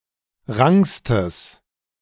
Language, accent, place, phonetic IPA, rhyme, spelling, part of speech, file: German, Germany, Berlin, [ˈʁaŋkstəs], -aŋkstəs, rankstes, adjective, De-rankstes.ogg
- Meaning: strong/mixed nominative/accusative neuter singular superlative degree of rank